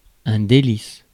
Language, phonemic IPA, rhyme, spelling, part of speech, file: French, /de.lis/, -is, délice, noun, Fr-délice.ogg
- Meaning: delight